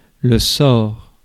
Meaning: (noun) 1. fate, destiny (consequences or effects predetermined by past events or a divine will) 2. lot (something used in determining a question by chance)
- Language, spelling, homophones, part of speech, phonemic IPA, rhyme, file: French, sort, sors, noun / verb, /sɔʁ/, -ɔʁ, Fr-sort.ogg